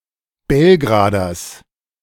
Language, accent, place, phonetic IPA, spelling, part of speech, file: German, Germany, Berlin, [ˈbɛlɡʁaːdɐs], Belgraders, noun, De-Belgraders.ogg
- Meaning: genitive singular of Belgrader